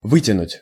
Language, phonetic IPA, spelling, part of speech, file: Russian, [ˈvɨtʲɪnʊtʲ], вытянуть, verb, Ru-вытянуть.ogg
- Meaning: 1. to pull out, to extract, to draw out 2. to stretch 3. to hold out, to bear, to endure, to stick 4. to make it, to pull through